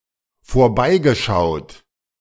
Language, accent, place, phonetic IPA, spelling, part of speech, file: German, Germany, Berlin, [foːɐ̯ˈbaɪ̯ɡəˌʃaʊ̯t], vorbeigeschaut, verb, De-vorbeigeschaut.ogg
- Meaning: past participle of vorbeischauen